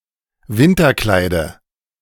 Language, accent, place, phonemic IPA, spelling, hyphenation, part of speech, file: German, Germany, Berlin, /ˈvɪntɐˌklaɪ̯də/, Winterkleide, Win‧ter‧klei‧de, noun, De-Winterkleide.ogg
- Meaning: dative singular of Winterkleid